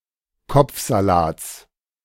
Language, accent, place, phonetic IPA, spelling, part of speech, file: German, Germany, Berlin, [ˈkɔp͡fzaˌlaːt͡s], Kopfsalats, noun, De-Kopfsalats.ogg
- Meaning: genitive singular of Kopfsalat